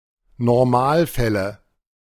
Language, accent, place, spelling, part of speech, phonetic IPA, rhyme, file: German, Germany, Berlin, Normalfälle, noun, [nɔʁˈmaːlˌfɛlə], -aːlfɛlə, De-Normalfälle.ogg
- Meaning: nominative/accusative/genitive plural of Normalfall